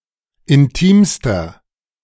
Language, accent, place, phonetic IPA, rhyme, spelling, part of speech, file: German, Germany, Berlin, [ɪnˈtiːmstɐ], -iːmstɐ, intimster, adjective, De-intimster.ogg
- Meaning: inflection of intim: 1. strong/mixed nominative masculine singular superlative degree 2. strong genitive/dative feminine singular superlative degree 3. strong genitive plural superlative degree